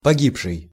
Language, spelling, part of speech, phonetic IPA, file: Russian, погибший, verb / adjective / noun, [pɐˈɡʲipʂɨj], Ru-погибший.ogg
- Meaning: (verb) past active perfective participle of поги́бнуть (pogíbnutʹ); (adjective) 1. dead, deceased 2. lost, ruined; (noun) dead person, deceased person